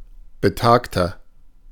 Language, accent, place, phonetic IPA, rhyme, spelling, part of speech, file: German, Germany, Berlin, [bəˈtaːktɐ], -aːktɐ, betagter, adjective, De-betagter.ogg
- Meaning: 1. comparative degree of betagt 2. inflection of betagt: strong/mixed nominative masculine singular 3. inflection of betagt: strong genitive/dative feminine singular